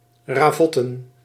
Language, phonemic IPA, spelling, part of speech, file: Dutch, /raˈvɔtə(n)/, ravotten, verb / noun, Nl-ravotten.ogg
- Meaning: to play heartily, esp. outdoors